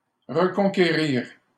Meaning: 1. to reconquer 2. to regain, to win back
- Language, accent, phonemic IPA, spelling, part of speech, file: French, Canada, /ʁə.kɔ̃.ke.ʁiʁ/, reconquérir, verb, LL-Q150 (fra)-reconquérir.wav